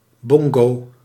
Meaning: a bongo (small Cuban drum used in pairs)
- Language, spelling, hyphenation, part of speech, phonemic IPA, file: Dutch, bongo, bon‧go, noun, /ˈbɔŋ.ɡoː/, Nl-bongo.ogg